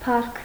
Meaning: 1. fame, glory, renown 2. honor, esteem, reputation 3. pride 4. brilliance, greatness 5. respect, reverence, esteem 6. praise, honor
- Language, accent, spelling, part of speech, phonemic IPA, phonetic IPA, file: Armenian, Eastern Armenian, փառք, noun, /pʰɑrkʰ/, [pʰɑrkʰ], Hy-փառք.ogg